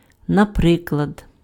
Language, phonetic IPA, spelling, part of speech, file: Ukrainian, [nɐˈprɪkɫɐd], наприклад, adverb, Uk-наприклад.ogg
- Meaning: for example